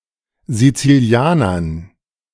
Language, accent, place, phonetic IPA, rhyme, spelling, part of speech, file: German, Germany, Berlin, [zit͡siˈli̯aːnɐn], -aːnɐn, Sizilianern, noun, De-Sizilianern.ogg
- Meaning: dative plural of Sizilianer